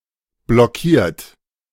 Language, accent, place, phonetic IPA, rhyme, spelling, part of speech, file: German, Germany, Berlin, [blɔˈkiːɐ̯t], -iːɐ̯t, blockiert, verb, De-blockiert.ogg
- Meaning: 1. past participle of blockieren 2. inflection of blockieren: third-person singular present 3. inflection of blockieren: second-person plural present 4. inflection of blockieren: plural imperative